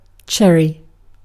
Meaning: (noun) 1. A small fruit, usually red, black or yellow, with a smooth hard seed and a short hard stem 2. Prunus subg. Cerasus, trees or shrubs that bear cherries 3. The wood of a cherry tree
- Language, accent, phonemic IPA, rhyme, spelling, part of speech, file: English, UK, /ˈt͡ʃɛɹi/, -ɛɹi, cherry, noun / adjective / verb, En-uk-cherry.ogg